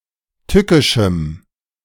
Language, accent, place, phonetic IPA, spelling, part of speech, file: German, Germany, Berlin, [ˈtʏkɪʃm̩], tückischem, adjective, De-tückischem.ogg
- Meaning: strong dative masculine/neuter singular of tückisch